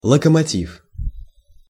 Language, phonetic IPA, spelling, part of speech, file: Russian, [ɫəkəmɐˈtʲif], локомотив, noun, Ru-локомотив.ogg
- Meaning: locomotive